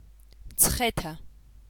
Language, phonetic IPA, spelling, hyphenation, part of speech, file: Georgian, [mt͡sʰχe̞tʰä], მცხეთა, მცხე‧თა, proper noun, Mtskheta.ogg
- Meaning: Mtskheta (a city in Georgia)